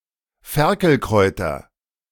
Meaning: nominative genitive accusative plural of Ferkelkraut
- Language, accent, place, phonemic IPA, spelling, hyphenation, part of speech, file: German, Germany, Berlin, /ˈfɛʁkl̩ˌkʁɔɪ̯tɐ/, Ferkelkräuter, Fer‧kel‧kräu‧ter, noun, De-Ferkelkräuter.ogg